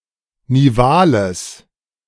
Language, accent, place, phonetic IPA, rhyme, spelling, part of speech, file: German, Germany, Berlin, [niˈvaːləs], -aːləs, nivales, adjective, De-nivales.ogg
- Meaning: strong/mixed nominative/accusative neuter singular of nival